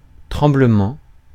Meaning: shake, tremble
- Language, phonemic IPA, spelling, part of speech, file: French, /tʁɑ̃.blə.mɑ̃/, tremblement, noun, Fr-tremblement.ogg